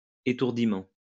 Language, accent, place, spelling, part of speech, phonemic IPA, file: French, France, Lyon, étourdiment, adverb, /e.tuʁ.di.mɑ̃/, LL-Q150 (fra)-étourdiment.wav
- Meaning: thoughtlessly, carelessly, foolishly, rashly